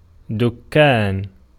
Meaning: 1. dais, estrade 2. shop, store
- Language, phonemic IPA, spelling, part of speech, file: Arabic, /duk.kaːn/, دكان, noun, Ar-دكان.ogg